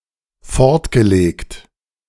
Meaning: past participle of fortlegen
- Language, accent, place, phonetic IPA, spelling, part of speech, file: German, Germany, Berlin, [ˈfɔʁtɡəˌleːkt], fortgelegt, verb, De-fortgelegt.ogg